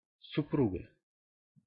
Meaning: 1. female equivalent of супру́г (suprúg): wife, female spouse 2. genitive/accusative singular of супру́г (suprúg)
- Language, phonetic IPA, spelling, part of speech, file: Russian, [sʊˈpruɡə], супруга, noun, Ru-супруга.ogg